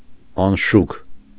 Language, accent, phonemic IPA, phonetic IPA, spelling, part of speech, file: Armenian, Eastern Armenian, /ɑnˈʃukʰ/, [ɑnʃúkʰ], անշուք, adjective, Hy-անշուք.ogg
- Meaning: plain, simple, bare (unadorned, undecorated)